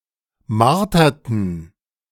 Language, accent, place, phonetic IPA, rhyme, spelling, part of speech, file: German, Germany, Berlin, [ˈmaʁtɐtn̩], -aʁtɐtn̩, marterten, verb, De-marterten.ogg
- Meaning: inflection of martern: 1. first/third-person plural preterite 2. first/third-person plural subjunctive II